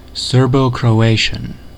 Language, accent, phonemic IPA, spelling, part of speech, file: English, US, /ˌsɜː(ɹ)bəʊkɹəʊˈeɪʃən/, Serbo-Croatian, proper noun / noun / adjective, En-us-Serbo-Croatian.ogg
- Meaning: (proper noun) The South Slavic language of which Bosnian, Croatian, Montenegrin and Serbian are literary standards